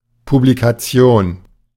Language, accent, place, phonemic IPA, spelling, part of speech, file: German, Germany, Berlin, /publikaˈt͡si̯oːn/, Publikation, noun, De-Publikation.ogg
- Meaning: publication